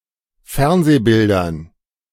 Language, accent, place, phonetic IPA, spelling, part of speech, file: German, Germany, Berlin, [ˈfɛʁnzeːˌbɪldɐn], Fernsehbildern, noun, De-Fernsehbildern.ogg
- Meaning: dative plural of Fernsehbild